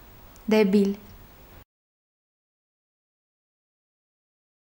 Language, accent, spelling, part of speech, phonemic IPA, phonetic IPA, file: Armenian, Eastern Armenian, դեբիլ, noun / adjective, /deˈbil/, [debíl], Hy-դեբիլ.ogg
- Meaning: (noun) moron, imbecile, idiot; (adjective) stupid; moronic, idiotic